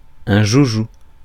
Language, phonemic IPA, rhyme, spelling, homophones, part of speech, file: French, /ʒu.ʒu/, -u, joujou, joujoux, noun, Fr-joujou.ogg
- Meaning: a toy; a plaything